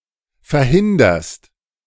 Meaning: second-person singular present of verhindern
- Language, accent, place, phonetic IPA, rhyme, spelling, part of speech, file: German, Germany, Berlin, [fɛɐ̯ˈhɪndɐst], -ɪndɐst, verhinderst, verb, De-verhinderst.ogg